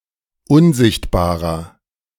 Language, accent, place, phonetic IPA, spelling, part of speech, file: German, Germany, Berlin, [ˈʊnˌzɪçtbaːʁɐ], unsichtbarer, adjective, De-unsichtbarer.ogg
- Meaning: inflection of unsichtbar: 1. strong/mixed nominative masculine singular 2. strong genitive/dative feminine singular 3. strong genitive plural